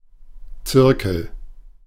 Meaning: 1. pair of compasses, compass (device to draw circles) 2. circle (geometrical figure) 3. circle (group of persons with a common interest) 4. monogram of a student society
- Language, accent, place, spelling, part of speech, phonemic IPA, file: German, Germany, Berlin, Zirkel, noun, /ˈt͡sɪrkəl/, De-Zirkel.ogg